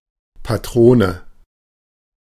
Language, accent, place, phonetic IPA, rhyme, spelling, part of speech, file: German, Germany, Berlin, [ˌpaˈtʁoːnə], -oːnə, Patrone, noun, De-Patrone.ogg
- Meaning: 1. cartridge, round (live ammunition for a gun) 2. cartridge case, casing (parts of a round of ammunition exclusive of the projectile) 3. ink cartridge (for a printer)